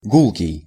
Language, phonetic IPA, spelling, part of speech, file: Russian, [ˈɡuɫkʲɪj], гулкий, adjective, Ru-гулкий.ogg
- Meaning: 1. loud, booming 2. resonant